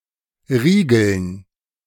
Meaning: dative plural of Riegel
- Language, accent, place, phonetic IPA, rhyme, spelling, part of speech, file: German, Germany, Berlin, [ˈʁiːɡl̩n], -iːɡl̩n, Riegeln, noun, De-Riegeln.ogg